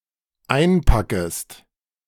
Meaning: second-person singular dependent subjunctive I of einpacken
- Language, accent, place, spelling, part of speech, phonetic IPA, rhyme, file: German, Germany, Berlin, einpackest, verb, [ˈaɪ̯nˌpakəst], -aɪ̯npakəst, De-einpackest.ogg